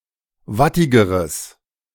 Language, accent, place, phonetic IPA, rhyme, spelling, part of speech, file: German, Germany, Berlin, [ˈvatɪɡəʁəs], -atɪɡəʁəs, wattigeres, adjective, De-wattigeres.ogg
- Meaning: strong/mixed nominative/accusative neuter singular comparative degree of wattig